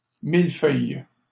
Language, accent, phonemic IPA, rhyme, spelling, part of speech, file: French, Canada, /mil.fœj/, -œj, mille-feuille, noun, LL-Q150 (fra)-mille-feuille.wav
- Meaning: 1. mille-feuille, vanilla slice 2. something layered, entangled and complex 3. common yarrow, yarrow, milfoil (Achillea millefolium)